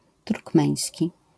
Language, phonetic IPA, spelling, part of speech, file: Polish, [turkˈmɛ̃j̃sʲci], turkmeński, adjective / noun, LL-Q809 (pol)-turkmeński.wav